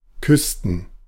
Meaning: plural of Küste
- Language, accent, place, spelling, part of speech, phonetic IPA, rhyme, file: German, Germany, Berlin, Küsten, noun, [ˈkʏstn̩], -ʏstn̩, De-Küsten.ogg